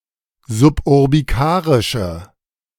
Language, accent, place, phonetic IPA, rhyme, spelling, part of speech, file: German, Germany, Berlin, [zʊpʔʊʁbiˈkaːʁɪʃə], -aːʁɪʃə, suburbikarische, adjective, De-suburbikarische.ogg
- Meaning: inflection of suburbikarisch: 1. strong/mixed nominative/accusative feminine singular 2. strong nominative/accusative plural 3. weak nominative all-gender singular